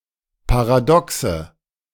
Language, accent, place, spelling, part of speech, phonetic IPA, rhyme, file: German, Germany, Berlin, Paradoxe, noun, [paʁaˈdɔksə], -ɔksə, De-Paradoxe.ogg
- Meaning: nominative/accusative/genitive plural of Paradox